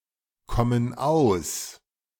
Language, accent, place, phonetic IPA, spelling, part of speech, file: German, Germany, Berlin, [ˌkɔmən ˈaʊ̯s], kommen aus, verb, De-kommen aus.ogg
- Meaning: inflection of auskommen: 1. first/third-person plural present 2. first/third-person plural subjunctive I